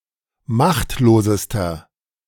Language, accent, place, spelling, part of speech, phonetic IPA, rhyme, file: German, Germany, Berlin, machtlosester, adjective, [ˈmaxtloːzəstɐ], -axtloːzəstɐ, De-machtlosester.ogg
- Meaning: inflection of machtlos: 1. strong/mixed nominative masculine singular superlative degree 2. strong genitive/dative feminine singular superlative degree 3. strong genitive plural superlative degree